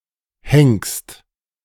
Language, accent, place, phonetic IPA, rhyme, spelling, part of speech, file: German, Germany, Berlin, [hɛŋkst], -ɛŋkst, henkst, verb, De-henkst.ogg
- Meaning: second-person singular present of henken